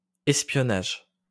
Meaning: espionage; spying
- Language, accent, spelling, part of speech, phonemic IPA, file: French, France, espionnage, noun, /ɛs.pjɔ.naʒ/, LL-Q150 (fra)-espionnage.wav